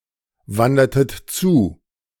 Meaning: inflection of zuwandern: 1. second-person plural preterite 2. second-person plural subjunctive II
- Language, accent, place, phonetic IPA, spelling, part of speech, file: German, Germany, Berlin, [ˌvandɐtət ˈt͡suː], wandertet zu, verb, De-wandertet zu.ogg